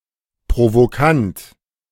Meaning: provocative, provoking
- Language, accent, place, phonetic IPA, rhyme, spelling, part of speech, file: German, Germany, Berlin, [pʁovoˈkant], -ant, provokant, adjective, De-provokant.ogg